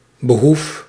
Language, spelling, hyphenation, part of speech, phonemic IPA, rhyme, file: Dutch, behoef, be‧hoef, noun / verb, /bəˈɦuf/, -uf, Nl-behoef.ogg
- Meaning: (noun) 1. need, requirement of something that lacks 2. advantage, benefit; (verb) inflection of behoeven: 1. first-person singular present indicative 2. second-person singular present indicative